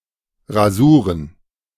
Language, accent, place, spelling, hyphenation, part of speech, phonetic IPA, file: German, Germany, Berlin, Rasuren, Ra‧su‧ren, noun, [ʁaˈzuːʁən], De-Rasuren.ogg
- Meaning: plural of Rasur